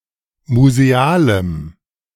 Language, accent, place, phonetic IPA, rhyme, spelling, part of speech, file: German, Germany, Berlin, [muzeˈaːləm], -aːləm, musealem, adjective, De-musealem.ogg
- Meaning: strong dative masculine/neuter singular of museal